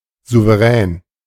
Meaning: 1. sovereign 2. confident, masterful
- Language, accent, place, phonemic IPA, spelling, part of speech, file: German, Germany, Berlin, /zuvəˈrɛːn/, souverän, adjective, De-souverän.ogg